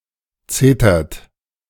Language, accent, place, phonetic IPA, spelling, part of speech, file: German, Germany, Berlin, [ˈt͡seːtɐt], zetert, verb, De-zetert.ogg
- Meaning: inflection of zetern: 1. second-person plural present 2. third-person singular present 3. plural imperative